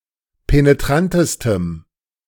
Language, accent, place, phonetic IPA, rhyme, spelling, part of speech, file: German, Germany, Berlin, [peneˈtʁantəstəm], -antəstəm, penetrantestem, adjective, De-penetrantestem.ogg
- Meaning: strong dative masculine/neuter singular superlative degree of penetrant